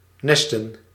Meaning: plural of nest
- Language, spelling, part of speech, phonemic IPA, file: Dutch, nesten, verb / noun, /ˈnɛstə(n)/, Nl-nesten.ogg